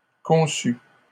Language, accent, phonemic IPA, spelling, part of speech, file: French, Canada, /kɔ̃.sy/, conçues, verb, LL-Q150 (fra)-conçues.wav
- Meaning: feminine plural of conçu